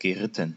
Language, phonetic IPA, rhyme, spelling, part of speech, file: German, [ɡəˈʁɪtn̩], -ɪtn̩, geritten, verb, De-geritten.ogg
- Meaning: past participle of reiten